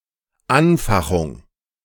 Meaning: fanning
- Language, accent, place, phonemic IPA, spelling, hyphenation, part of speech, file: German, Germany, Berlin, /ˈanˌfaxʊŋ/, Anfachung, An‧fa‧chung, noun, De-Anfachung.ogg